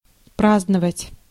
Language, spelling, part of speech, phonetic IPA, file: Russian, праздновать, verb, [ˈpraznəvətʲ], Ru-праздновать.ogg
- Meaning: to celebrate